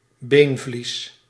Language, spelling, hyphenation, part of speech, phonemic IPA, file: Dutch, beenvlies, been‧vlies, noun, /ˈbeːn.vlis/, Nl-beenvlies.ogg
- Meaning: periosteum